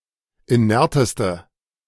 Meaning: inflection of inert: 1. strong/mixed nominative/accusative feminine singular superlative degree 2. strong nominative/accusative plural superlative degree
- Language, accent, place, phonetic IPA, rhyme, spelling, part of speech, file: German, Germany, Berlin, [iˈnɛʁtəstə], -ɛʁtəstə, inerteste, adjective, De-inerteste.ogg